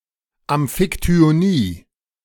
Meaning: amphictyony (a religious foundation or co-operative shared between ancient Greek city states)
- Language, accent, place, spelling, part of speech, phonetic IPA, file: German, Germany, Berlin, Amphiktyonie, noun, [ˌamfɪktyoˈniː], De-Amphiktyonie.ogg